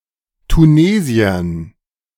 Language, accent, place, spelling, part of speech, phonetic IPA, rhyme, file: German, Germany, Berlin, Tunesiern, noun, [tuˈneːzi̯ɐn], -eːzi̯ɐn, De-Tunesiern.ogg
- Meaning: dative plural of Tunesier